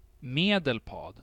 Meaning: a province of Västernorrland County, in central Sweden
- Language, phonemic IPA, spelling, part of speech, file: Swedish, /ˈmeːdɛlˌpad/, Medelpad, proper noun, Sv-Medelpad.ogg